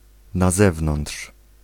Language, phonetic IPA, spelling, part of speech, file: Polish, [na‿ˈzɛvnɔ̃nṭʃ], na zewnątrz, prepositional phrase / adverbial phrase, Pl-na zewnątrz.ogg